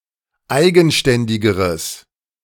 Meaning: strong/mixed nominative/accusative neuter singular comparative degree of eigenständig
- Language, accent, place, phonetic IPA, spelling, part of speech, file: German, Germany, Berlin, [ˈaɪ̯ɡn̩ˌʃtɛndɪɡəʁəs], eigenständigeres, adjective, De-eigenständigeres.ogg